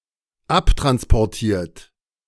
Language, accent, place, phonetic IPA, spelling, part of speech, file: German, Germany, Berlin, [ˈaptʁanspɔʁˌtiːɐ̯t], abtransportiert, verb, De-abtransportiert.ogg
- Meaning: 1. past participle of abtransportieren 2. inflection of abtransportieren: third-person singular dependent present 3. inflection of abtransportieren: second-person plural dependent present